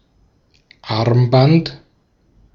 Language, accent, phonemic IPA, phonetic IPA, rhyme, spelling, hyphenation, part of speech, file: German, Austria, /ˈarmˌbant/, [ˈʔɑʁ̞mˌbant], -ant, Armband, Arm‧band, noun, De-at-Armband.ogg
- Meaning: bracelet; bangle; armlet (piece of jewellery or decoration worn on the arm)